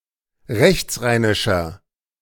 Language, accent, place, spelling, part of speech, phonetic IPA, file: German, Germany, Berlin, rechtsrheinischer, adjective, [ˈʁɛçt͡sˌʁaɪ̯nɪʃɐ], De-rechtsrheinischer.ogg
- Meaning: inflection of rechtsrheinisch: 1. strong/mixed nominative masculine singular 2. strong genitive/dative feminine singular 3. strong genitive plural